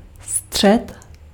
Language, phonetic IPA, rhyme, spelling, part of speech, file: Czech, [ˈstr̝̊ɛt], -ɛt, střed, noun, Cs-střed.ogg
- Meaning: 1. middle, midpoint, center (point in the center of a two dimensional shape like a circle) 2. center (point between the ends of a line) 3. middle, center (area) 4. bullseye